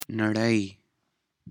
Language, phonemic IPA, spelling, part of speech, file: Pashto, /nəˈɽəi/, نړۍ, noun, نړۍ.ogg
- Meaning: 1. world 2. worlds